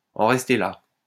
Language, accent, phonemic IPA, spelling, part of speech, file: French, France, /ɑ̃ ʁɛs.te la/, en rester là, verb, LL-Q150 (fra)-en rester là.wav
- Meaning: to call it quits, to leave it at that, to stop